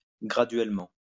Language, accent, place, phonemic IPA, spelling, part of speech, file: French, France, Lyon, /ɡʁa.dɥɛl.mɑ̃/, graduellement, adverb, LL-Q150 (fra)-graduellement.wav
- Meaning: gradually